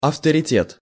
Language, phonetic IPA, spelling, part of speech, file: Russian, [ɐftərʲɪˈtʲet], авторитет, noun, Ru-авторитет.ogg
- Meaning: 1. authority, prestige 2. authority 3. underworld leader